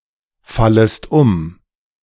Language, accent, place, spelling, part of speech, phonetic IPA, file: German, Germany, Berlin, fallest um, verb, [ˌfaləst ˈʊm], De-fallest um.ogg
- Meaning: second-person singular subjunctive I of umfallen